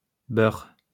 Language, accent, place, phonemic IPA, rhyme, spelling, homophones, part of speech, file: French, France, Lyon, /bœʁ/, -œʁ, beur, beurre / beurrent / beurres / beurs, noun, LL-Q150 (fra)-beur.wav
- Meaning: a man of Maghrebi descent born and living in France